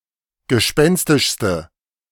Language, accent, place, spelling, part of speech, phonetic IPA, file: German, Germany, Berlin, gespenstischste, adjective, [ɡəˈʃpɛnstɪʃstə], De-gespenstischste.ogg
- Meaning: inflection of gespenstisch: 1. strong/mixed nominative/accusative feminine singular superlative degree 2. strong nominative/accusative plural superlative degree